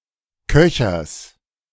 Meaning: genitive singular of Köcher
- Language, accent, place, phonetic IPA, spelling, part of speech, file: German, Germany, Berlin, [ˈkœçɐs], Köchers, noun, De-Köchers.ogg